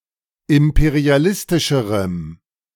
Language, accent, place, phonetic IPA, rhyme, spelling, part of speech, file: German, Germany, Berlin, [ˌɪmpeʁiaˈlɪstɪʃəʁəm], -ɪstɪʃəʁəm, imperialistischerem, adjective, De-imperialistischerem.ogg
- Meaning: strong dative masculine/neuter singular comparative degree of imperialistisch